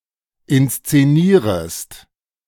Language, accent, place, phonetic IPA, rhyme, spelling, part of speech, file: German, Germany, Berlin, [ɪnst͡seˈniːʁəst], -iːʁəst, inszenierest, verb, De-inszenierest.ogg
- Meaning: second-person singular subjunctive I of inszenieren